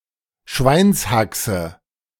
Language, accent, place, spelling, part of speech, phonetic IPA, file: German, Germany, Berlin, Schweinshaxe, noun, [ˈʃvaɪ̯nsˌhaksə], De-Schweinshaxe.ogg
- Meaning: pork knuckle